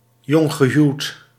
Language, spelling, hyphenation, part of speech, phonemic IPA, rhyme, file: Dutch, jonggehuwd, jong‧ge‧huwd, adjective, /ˌjɔŋ.ɣəˈɦyu̯t/, -yu̯t, Nl-jonggehuwd.ogg
- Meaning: newlywed, recently married